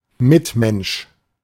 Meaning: fellow human being, fellow man
- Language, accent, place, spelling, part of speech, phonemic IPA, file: German, Germany, Berlin, Mitmensch, noun, /ˈmɪtˌmɛnʃ/, De-Mitmensch.ogg